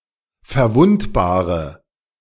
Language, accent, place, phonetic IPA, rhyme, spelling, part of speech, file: German, Germany, Berlin, [fɛɐ̯ˈvʊntbaːʁə], -ʊntbaːʁə, verwundbare, adjective, De-verwundbare.ogg
- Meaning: inflection of verwundbar: 1. strong/mixed nominative/accusative feminine singular 2. strong nominative/accusative plural 3. weak nominative all-gender singular